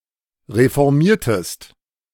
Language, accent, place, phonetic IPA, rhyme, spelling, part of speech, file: German, Germany, Berlin, [ʁefɔʁˈmiːɐ̯təst], -iːɐ̯təst, reformiertest, verb, De-reformiertest.ogg
- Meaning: inflection of reformieren: 1. second-person singular preterite 2. second-person singular subjunctive II